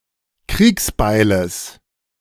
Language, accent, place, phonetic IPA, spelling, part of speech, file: German, Germany, Berlin, [ˈkʁiːksˌbaɪ̯ləs], Kriegsbeiles, noun, De-Kriegsbeiles.ogg
- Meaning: genitive singular of Kriegsbeil